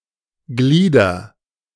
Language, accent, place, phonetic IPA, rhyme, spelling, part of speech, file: German, Germany, Berlin, [ˈɡliːdɐ], -iːdɐ, glieder, verb, De-glieder.ogg
- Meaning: inflection of gliedern: 1. first-person singular present 2. singular imperative